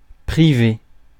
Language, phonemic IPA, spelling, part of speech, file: French, /pʁi.ve/, priver, verb, Fr-priver.ogg
- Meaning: to deprive